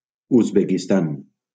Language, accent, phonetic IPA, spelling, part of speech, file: Catalan, Valencia, [uz.be.kisˈtan], Uzbekistan, proper noun, LL-Q7026 (cat)-Uzbekistan.wav
- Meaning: Uzbekistan (a country in Central Asia)